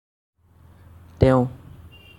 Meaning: he, she
- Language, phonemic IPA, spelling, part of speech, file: Assamese, /tɛʊ̃/, তেওঁ, pronoun, As-তেওঁ.ogg